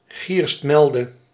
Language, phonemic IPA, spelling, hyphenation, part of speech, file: Dutch, /ˈɣirstˌmɛl.də/, gierstmelde, gierst‧mel‧de, noun, Nl-gierstmelde.ogg
- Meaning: quinoa